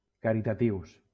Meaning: masculine plural of caritatiu
- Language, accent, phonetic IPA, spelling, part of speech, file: Catalan, Valencia, [ka.ɾi.taˈtiws], caritatius, adjective, LL-Q7026 (cat)-caritatius.wav